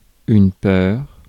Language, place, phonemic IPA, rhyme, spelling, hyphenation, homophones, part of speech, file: French, Paris, /pœʁ/, -œʁ, peur, peur, peurs, noun, Fr-peur.ogg
- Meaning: fear